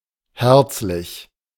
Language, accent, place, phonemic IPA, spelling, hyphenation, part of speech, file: German, Germany, Berlin, /ˈhɛʁt͡s.lɪç/, herzlich, herz‧lich, adjective, De-herzlich.ogg
- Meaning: 1. warm, warmhearted, friendly, affectionate, cordial 2. hearty